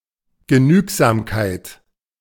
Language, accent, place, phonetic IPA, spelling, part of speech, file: German, Germany, Berlin, [ɡəˈnyːkzamkaɪ̯t], Genügsamkeit, noun, De-Genügsamkeit.ogg
- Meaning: 1. frugality, austerity 2. modesty (in one’s demands), contentment (with what one has)